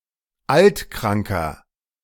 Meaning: inflection of altkrank: 1. strong/mixed nominative masculine singular 2. strong genitive/dative feminine singular 3. strong genitive plural
- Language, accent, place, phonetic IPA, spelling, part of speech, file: German, Germany, Berlin, [ˈaltˌkʁaŋkɐ], altkranker, adjective, De-altkranker.ogg